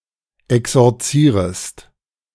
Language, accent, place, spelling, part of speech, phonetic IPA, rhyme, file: German, Germany, Berlin, exorzierest, verb, [ɛksɔʁˈt͡siːʁəst], -iːʁəst, De-exorzierest.ogg
- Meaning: second-person singular subjunctive I of exorzieren